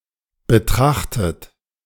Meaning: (verb) past participle of betrachten; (adjective) considered, regarded; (verb) inflection of betrachten: 1. third-person singular present 2. second-person plural present
- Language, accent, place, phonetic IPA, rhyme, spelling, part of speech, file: German, Germany, Berlin, [bəˈtʁaxtət], -axtət, betrachtet, verb, De-betrachtet.ogg